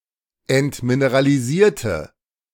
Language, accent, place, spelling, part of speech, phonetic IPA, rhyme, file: German, Germany, Berlin, entmineralisierte, adjective / verb, [ɛntmineʁaliˈziːɐ̯tə], -iːɐ̯tə, De-entmineralisierte.ogg
- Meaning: inflection of entmineralisieren: 1. first/third-person singular preterite 2. first/third-person singular subjunctive II